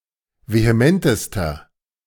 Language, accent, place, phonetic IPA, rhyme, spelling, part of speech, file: German, Germany, Berlin, [veheˈmɛntəstɐ], -ɛntəstɐ, vehementester, adjective, De-vehementester.ogg
- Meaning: inflection of vehement: 1. strong/mixed nominative masculine singular superlative degree 2. strong genitive/dative feminine singular superlative degree 3. strong genitive plural superlative degree